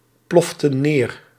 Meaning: inflection of neerploffen: 1. plural past indicative 2. plural past subjunctive
- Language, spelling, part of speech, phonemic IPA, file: Dutch, ploften neer, verb, /ˈplɔftə(n) ˈner/, Nl-ploften neer.ogg